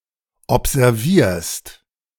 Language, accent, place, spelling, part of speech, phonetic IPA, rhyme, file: German, Germany, Berlin, observierst, verb, [ɔpzɛʁˈviːɐ̯st], -iːɐ̯st, De-observierst.ogg
- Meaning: second-person singular present of observieren